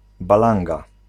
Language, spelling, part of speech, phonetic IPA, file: Polish, balanga, noun, [baˈlãŋɡa], Pl-balanga.ogg